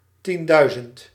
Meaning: ten thousand
- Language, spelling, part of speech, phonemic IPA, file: Dutch, tienduizend, numeral / noun, /ˈtindœyzənt/, Nl-tienduizend.ogg